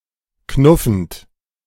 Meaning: present participle of knuffen
- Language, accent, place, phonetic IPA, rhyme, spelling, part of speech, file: German, Germany, Berlin, [ˈknʊfn̩t], -ʊfn̩t, knuffend, verb, De-knuffend.ogg